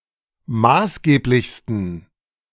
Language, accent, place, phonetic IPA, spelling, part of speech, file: German, Germany, Berlin, [ˈmaːsˌɡeːplɪçstn̩], maßgeblichsten, adjective, De-maßgeblichsten.ogg
- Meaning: 1. superlative degree of maßgeblich 2. inflection of maßgeblich: strong genitive masculine/neuter singular superlative degree